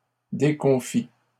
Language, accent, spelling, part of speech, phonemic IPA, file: French, Canada, déconfit, adjective, /de.kɔ̃.fi/, LL-Q150 (fra)-déconfit.wav
- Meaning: crestfallen